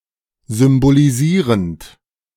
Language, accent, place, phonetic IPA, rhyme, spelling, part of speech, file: German, Germany, Berlin, [zʏmboliˈziːʁənt], -iːʁənt, symbolisierend, verb, De-symbolisierend.ogg
- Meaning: present participle of symbolisieren